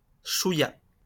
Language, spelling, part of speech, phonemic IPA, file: French, chouillat, adverb, /ʃu.ja/, LL-Q150 (fra)-chouillat.wav
- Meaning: alternative form of chouïa